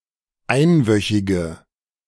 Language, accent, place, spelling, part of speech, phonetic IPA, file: German, Germany, Berlin, einwöchige, adjective, [ˈaɪ̯nˌvœçɪɡə], De-einwöchige.ogg
- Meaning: inflection of einwöchig: 1. strong/mixed nominative/accusative feminine singular 2. strong nominative/accusative plural 3. weak nominative all-gender singular